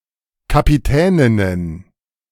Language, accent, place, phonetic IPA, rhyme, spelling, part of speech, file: German, Germany, Berlin, [kapiˈtɛːnɪnən], -ɛːnɪnən, Kapitäninnen, noun, De-Kapitäninnen.ogg
- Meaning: plural of Kapitänin